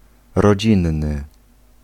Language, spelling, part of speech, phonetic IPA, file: Polish, rodzinny, adjective, [rɔˈd͡ʑĩnːɨ], Pl-rodzinny.ogg